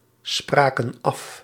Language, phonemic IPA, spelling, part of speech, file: Dutch, /ˈsprakə(n) ˈɑf/, spraken af, verb, Nl-spraken af.ogg
- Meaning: inflection of afspreken: 1. plural past indicative 2. plural past subjunctive